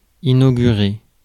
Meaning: to inaugurate
- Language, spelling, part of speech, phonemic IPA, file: French, inaugurer, verb, /i.no.ɡy.ʁe/, Fr-inaugurer.ogg